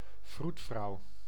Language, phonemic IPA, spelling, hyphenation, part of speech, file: Dutch, /ˈvrutˌfrɑu̯/, vroedvrouw, vroed‧vrouw, noun, Nl-vroedvrouw.ogg
- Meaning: midwife (woman who assists women in childbirth)